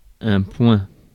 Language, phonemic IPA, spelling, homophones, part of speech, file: French, /pwɛ̃/, poing, point / points, noun, Fr-poing.ogg
- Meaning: fist